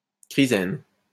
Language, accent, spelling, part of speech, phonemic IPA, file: French, France, chrysène, noun, /kʁi.zɛn/, LL-Q150 (fra)-chrysène.wav
- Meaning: chrysene